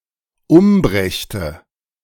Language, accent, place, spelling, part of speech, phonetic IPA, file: German, Germany, Berlin, umbrächte, verb, [ˈʊmˌbʁɛçtə], De-umbrächte.ogg
- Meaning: first/third-person singular dependent subjunctive II of umbringen